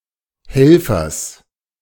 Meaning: genitive of Helfer
- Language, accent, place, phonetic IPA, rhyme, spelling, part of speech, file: German, Germany, Berlin, [ˈhɛlfɐs], -ɛlfɐs, Helfers, noun, De-Helfers.ogg